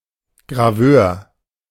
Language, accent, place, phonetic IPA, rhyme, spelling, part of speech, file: German, Germany, Berlin, [ɡʁaˈvøːɐ̯], -øːɐ̯, Graveur, noun, De-Graveur.ogg
- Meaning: engraver